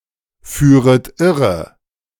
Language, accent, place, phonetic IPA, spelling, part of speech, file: German, Germany, Berlin, [ˌfyːʁət ˈɪʁə], führet irre, verb, De-führet irre.ogg
- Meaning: second-person plural subjunctive I of irreführen